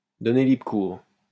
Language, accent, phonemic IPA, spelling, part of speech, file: French, France, /dɔ.ne li.bʁə kuʁ/, donner libre cours, verb, LL-Q150 (fra)-donner libre cours.wav
- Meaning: to give free rein to; to give free expression to; to vent